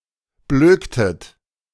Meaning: inflection of blöken: 1. second-person plural preterite 2. second-person plural subjunctive II
- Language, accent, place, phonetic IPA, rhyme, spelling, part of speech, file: German, Germany, Berlin, [ˈbløːktət], -øːktət, blöktet, verb, De-blöktet.ogg